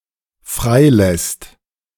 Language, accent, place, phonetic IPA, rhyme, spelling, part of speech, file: German, Germany, Berlin, [ˈfʁaɪ̯ˌlɛst], -aɪ̯lɛst, freilässt, verb, De-freilässt.ogg
- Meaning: second/third-person singular dependent present of freilassen